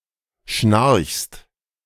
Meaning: second-person singular present of schnarchen
- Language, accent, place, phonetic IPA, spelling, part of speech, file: German, Germany, Berlin, [ʃnaʁçst], schnarchst, verb, De-schnarchst.ogg